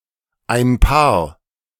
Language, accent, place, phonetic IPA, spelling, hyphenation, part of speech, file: German, Germany, Berlin, [ˌaɪ̯n ˈpaːɐ̯], ein paar, ein paar, determiner, De-ein paar.ogg
- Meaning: some; a few; a couple of